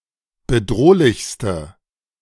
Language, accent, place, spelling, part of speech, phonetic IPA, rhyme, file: German, Germany, Berlin, bedrohlichste, adjective, [bəˈdʁoːlɪçstə], -oːlɪçstə, De-bedrohlichste.ogg
- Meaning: inflection of bedrohlich: 1. strong/mixed nominative/accusative feminine singular superlative degree 2. strong nominative/accusative plural superlative degree